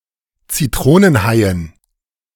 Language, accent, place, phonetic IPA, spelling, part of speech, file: German, Germany, Berlin, [t͡siˈtʁoːnənˌhaɪ̯ən], Zitronenhaien, noun, De-Zitronenhaien.ogg
- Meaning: dative plural of Zitronenhai